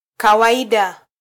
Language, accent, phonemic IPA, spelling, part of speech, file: Swahili, Kenya, /kɑ.wɑˈi.ɗɑ/, kawaida, noun / adjective, Sw-ke-kawaida.flac
- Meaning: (noun) regular or normal thing, habit; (adjective) regular, ordinary, normal